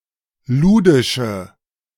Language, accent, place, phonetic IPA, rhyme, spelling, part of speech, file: German, Germany, Berlin, [ˈluːdɪʃə], -uːdɪʃə, ludische, adjective, De-ludische.ogg
- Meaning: inflection of ludisch: 1. strong/mixed nominative/accusative feminine singular 2. strong nominative/accusative plural 3. weak nominative all-gender singular 4. weak accusative feminine/neuter singular